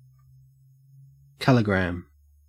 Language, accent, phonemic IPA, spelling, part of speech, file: English, Australia, /ˈkæl.ɪˌɡɹæm/, calligram, noun, En-au-calligram.ogg
- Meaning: 1. A word, phrase or longer text in which the typeface or the layout has some special significance 2. A signature made from interwoven Arabic words